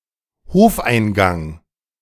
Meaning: yard entrance, courtyard entrance
- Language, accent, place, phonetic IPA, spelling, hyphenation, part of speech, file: German, Germany, Berlin, [ˈhoːfʔaɪ̯nˌɡaŋ], Hofeingang, Hof‧ein‧gang, noun, De-Hofeingang.ogg